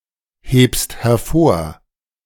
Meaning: second-person singular present of hervorheben
- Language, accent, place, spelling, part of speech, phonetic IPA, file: German, Germany, Berlin, hebst hervor, verb, [ˌheːpst hɛɐ̯ˈfoːɐ̯], De-hebst hervor.ogg